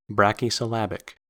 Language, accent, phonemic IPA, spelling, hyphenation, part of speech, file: English, US, /ˌbɹæk.i.sɪˈlæb.ɪk/, brachysyllabic, bra‧chy‧syl‧la‧bic, adjective, En-us-brachysyllabic.ogg
- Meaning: Having few syllables